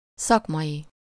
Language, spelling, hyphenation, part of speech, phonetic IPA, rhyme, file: Hungarian, szakmai, szak‧mai, adjective, [ˈsɒkmɒji], -ji, Hu-szakmai.ogg
- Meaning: professional, occupational (of, pertaining to, or in accordance with the standards of a profession or trade)